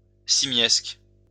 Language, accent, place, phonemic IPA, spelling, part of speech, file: French, France, Lyon, /si.mjɛsk/, simiesque, adjective, LL-Q150 (fra)-simiesque.wav
- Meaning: 1. simian 2. apish